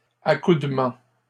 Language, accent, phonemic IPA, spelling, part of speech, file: French, Canada, /a.kud.mɑ̃/, accoudement, noun, LL-Q150 (fra)-accoudement.wav
- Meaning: 1. action of leaning on ones elbows 2. neck and neck situation